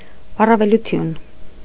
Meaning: advantage
- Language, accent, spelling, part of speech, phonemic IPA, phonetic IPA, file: Armenian, Eastern Armenian, առավելություն, noun, /ɑrɑveluˈtʰjun/, [ɑrɑvelut͡sʰjún], Hy-առավելություն.ogg